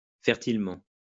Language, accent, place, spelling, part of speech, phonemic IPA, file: French, France, Lyon, fertilement, adverb, /fɛʁ.til.mɑ̃/, LL-Q150 (fra)-fertilement.wav
- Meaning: fertilely